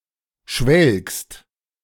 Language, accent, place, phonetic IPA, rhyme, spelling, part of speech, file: German, Germany, Berlin, [ʃvɛlkst], -ɛlkst, schwelgst, verb, De-schwelgst.ogg
- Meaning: second-person singular present of schwelgen